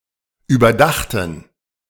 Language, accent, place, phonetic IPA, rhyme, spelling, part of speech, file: German, Germany, Berlin, [yːbɐˈdaxtn̩], -axtn̩, überdachten, verb / adjective, De-überdachten.ogg
- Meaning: first/third-person plural preterite of überdenken